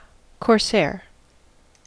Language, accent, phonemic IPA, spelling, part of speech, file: English, US, /kɔːɹsɛəɹ/, corsair, noun, En-us-corsair.ogg
- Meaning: 1. A French privateer, especially from the port of Saint-Malo 2. A privateer or pirate in general 3. The ship of such privateers or pirates, especially of French nationality